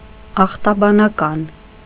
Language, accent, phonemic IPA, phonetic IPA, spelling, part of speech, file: Armenian, Eastern Armenian, /ɑχtɑbɑnɑˈkɑn/, [ɑχtɑbɑnɑkɑ́n], ախտաբանական, adjective, Hy-ախտաբանական.ogg
- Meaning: pathological